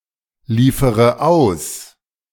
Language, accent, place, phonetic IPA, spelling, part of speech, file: German, Germany, Berlin, [ˌliːfəʁə ˈaʊ̯s], liefere aus, verb, De-liefere aus.ogg
- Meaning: inflection of ausliefern: 1. first-person singular present 2. first/third-person singular subjunctive I 3. singular imperative